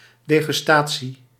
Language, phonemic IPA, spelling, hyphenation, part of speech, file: Dutch, /ˌdeː.ɣʏsˈtaː.(t)si/, degustatie, de‧gus‧ta‧tie, noun, Nl-degustatie.ogg
- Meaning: 1. the tasting and relishing of something, in particular when considered as part of a high-brow tastes 2. winetasting